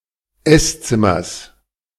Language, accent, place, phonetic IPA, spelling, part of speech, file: German, Germany, Berlin, [ˈɛsˌt͡sɪmɐs], Esszimmers, noun, De-Esszimmers.ogg
- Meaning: genitive of Esszimmer